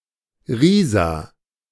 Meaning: a town in Saxony, Germany
- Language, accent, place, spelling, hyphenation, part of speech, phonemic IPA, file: German, Germany, Berlin, Riesa, Rie‧sa, proper noun, /ˈʁiːza/, De-Riesa.ogg